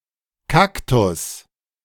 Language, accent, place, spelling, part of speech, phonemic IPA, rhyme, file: German, Germany, Berlin, Kaktus, noun, /ˈkaktʊs/, -aktʊs, De-Kaktus.ogg
- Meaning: cactus